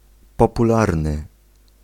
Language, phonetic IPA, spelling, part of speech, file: Polish, [ˌpɔpuˈlarnɨ], popularny, adjective / noun, Pl-popularny.ogg